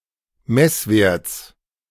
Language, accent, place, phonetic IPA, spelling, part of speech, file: German, Germany, Berlin, [ˈmɛsˌveːɐ̯t͡s], Messwerts, noun, De-Messwerts.ogg
- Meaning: genitive singular of Messwert